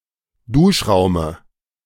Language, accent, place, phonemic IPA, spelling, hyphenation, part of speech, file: German, Germany, Berlin, /ˈduːʃˌʁaʊ̯mə/, Duschraume, Dusch‧rau‧me, noun, De-Duschraume.ogg
- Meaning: dative singular of Duschraum